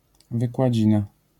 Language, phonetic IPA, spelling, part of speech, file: Polish, [ˌvɨkwaˈd͡ʑĩna], wykładzina, noun, LL-Q809 (pol)-wykładzina.wav